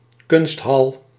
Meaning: arts venue
- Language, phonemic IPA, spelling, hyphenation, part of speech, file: Dutch, /ˈkʏnsthɑl/, kunsthal, kunst‧hal, noun, Nl-kunsthal.ogg